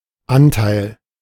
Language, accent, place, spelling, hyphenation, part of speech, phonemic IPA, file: German, Germany, Berlin, Anteil, An‧teil, noun, /ˈʔantaɪ̯l/, De-Anteil.ogg
- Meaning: 1. share, portion 2. alternative form of Antal (“a Hungarian wine barrel”)